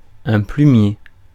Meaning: pencil box
- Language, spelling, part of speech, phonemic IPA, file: French, plumier, noun, /ply.mje/, Fr-plumier.ogg